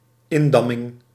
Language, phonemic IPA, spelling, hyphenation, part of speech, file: Dutch, /ˈɪnˌdɑ.mɪŋ/, indamming, in‧dam‧ming, noun, Nl-indamming.ogg
- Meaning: 1. curtailment 2. the act or process of damming